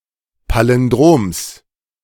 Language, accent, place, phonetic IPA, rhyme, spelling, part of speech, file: German, Germany, Berlin, [ˌpalɪnˈdʁoːms], -oːms, Palindroms, noun, De-Palindroms.ogg
- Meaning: genitive singular of Palindrom